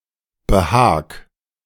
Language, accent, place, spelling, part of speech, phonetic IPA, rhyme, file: German, Germany, Berlin, behag, verb, [bəˈhaːk], -aːk, De-behag.ogg
- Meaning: 1. imperative singular of behagen 2. first-person singular present of behagen